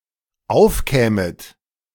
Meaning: second-person plural dependent subjunctive II of aufkommen
- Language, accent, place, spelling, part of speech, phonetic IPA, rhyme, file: German, Germany, Berlin, aufkämet, verb, [ˈaʊ̯fˌkɛːmət], -aʊ̯fkɛːmət, De-aufkämet.ogg